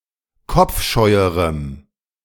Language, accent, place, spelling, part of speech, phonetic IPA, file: German, Germany, Berlin, kopfscheuerem, adjective, [ˈkɔp͡fˌʃɔɪ̯əʁəm], De-kopfscheuerem.ogg
- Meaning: strong dative masculine/neuter singular comparative degree of kopfscheu